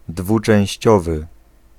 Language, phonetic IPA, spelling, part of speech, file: Polish, [ˌdvut͡ʃɛ̃w̃ɕˈt͡ɕɔvɨ], dwuczęściowy, adjective, Pl-dwuczęściowy.ogg